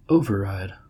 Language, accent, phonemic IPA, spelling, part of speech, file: English, US, /ˈoʊ.vɚˌɹaɪd/, override, noun, En-us-override.ogg
- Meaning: 1. A mechanism, device or procedure used to counteract an automatic control 2. A royalty 3. A device for prioritizing audio signals, such that certain signals receive priority over others